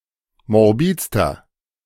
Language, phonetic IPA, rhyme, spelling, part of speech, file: German, [mɔʁˈbiːt͡stɐ], -iːt͡stɐ, morbidster, adjective, De-morbidster.ogg